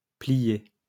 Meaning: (verb) past participle of plier; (adjective) in stitches
- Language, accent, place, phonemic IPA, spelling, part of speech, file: French, France, Lyon, /pli.je/, plié, verb / adjective, LL-Q150 (fra)-plié.wav